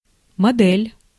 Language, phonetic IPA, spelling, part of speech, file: Russian, [mɐˈdɛlʲ], модель, noun, Ru-модель.ogg
- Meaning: 1. model (model car, fashion model, etc.) 2. mold/mould